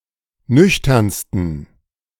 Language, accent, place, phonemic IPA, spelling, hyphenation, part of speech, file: German, Germany, Berlin, /ˈnʏçtɐnstən/, nüchternsten, nüch‧tern‧s‧ten, adjective, De-nüchternsten.ogg
- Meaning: 1. superlative degree of nüchtern 2. inflection of nüchtern: strong genitive masculine/neuter singular superlative degree